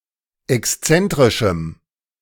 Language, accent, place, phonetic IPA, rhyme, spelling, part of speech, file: German, Germany, Berlin, [ɛksˈt͡sɛntʁɪʃm̩], -ɛntʁɪʃm̩, exzentrischem, adjective, De-exzentrischem.ogg
- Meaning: strong dative masculine/neuter singular of exzentrisch